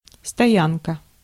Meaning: 1. stop, stand, station 2. quarters 3. anchorage, moorage 4. car park, parking, parking lot (for cars) 5. site, camp (of primitive people), stopover (of nomads)
- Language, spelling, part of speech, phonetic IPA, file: Russian, стоянка, noun, [stɐˈjankə], Ru-стоянка.ogg